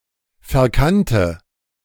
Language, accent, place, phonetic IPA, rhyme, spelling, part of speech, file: German, Germany, Berlin, [fɛɐ̯ˈkantə], -antə, verkannte, adjective / verb, De-verkannte.ogg
- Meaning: first/third-person singular preterite of verkennen